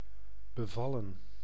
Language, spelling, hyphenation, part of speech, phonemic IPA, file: Dutch, bevallen, be‧val‧len, verb, /bəˈvɑlə(n)/, Nl-bevallen.ogg
- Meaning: 1. to please, satisfy 2. to give birth 3. past participle of bevallen